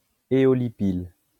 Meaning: aeolipile
- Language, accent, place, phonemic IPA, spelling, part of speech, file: French, France, Lyon, /e.ɔ.li.pil/, éolipyle, noun, LL-Q150 (fra)-éolipyle.wav